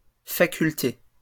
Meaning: plural of faculté
- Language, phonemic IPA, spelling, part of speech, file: French, /fa.kyl.te/, facultés, noun, LL-Q150 (fra)-facultés.wav